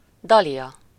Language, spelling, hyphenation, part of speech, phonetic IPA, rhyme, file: Hungarian, dalia, da‧lia, noun, [ˈdɒlijɒ], -jɒ, Hu-dalia.ogg
- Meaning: 1. hero, valiant knight 2. a tall, muscular man